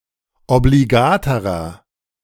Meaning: inflection of obligat: 1. strong/mixed nominative masculine singular comparative degree 2. strong genitive/dative feminine singular comparative degree 3. strong genitive plural comparative degree
- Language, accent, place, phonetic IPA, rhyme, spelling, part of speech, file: German, Germany, Berlin, [obliˈɡaːtəʁɐ], -aːtəʁɐ, obligaterer, adjective, De-obligaterer.ogg